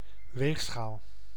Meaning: scale (device to measure weight)
- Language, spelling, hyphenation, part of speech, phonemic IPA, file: Dutch, weegschaal, weeg‧schaal, noun, /ˈʋeːx.sxaːl/, Nl-weegschaal.ogg